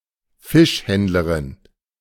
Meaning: female fishmonger
- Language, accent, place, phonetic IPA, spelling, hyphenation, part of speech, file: German, Germany, Berlin, [ˈfɪʃˌhɛndləʁɪn], Fischhändlerin, Fisch‧händ‧le‧rin, noun, De-Fischhändlerin.ogg